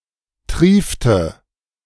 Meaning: inflection of triefen: 1. first/third-person singular preterite 2. first/third-person singular subjunctive II
- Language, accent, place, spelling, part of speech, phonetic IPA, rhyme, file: German, Germany, Berlin, triefte, verb, [ˈtʁiːftə], -iːftə, De-triefte.ogg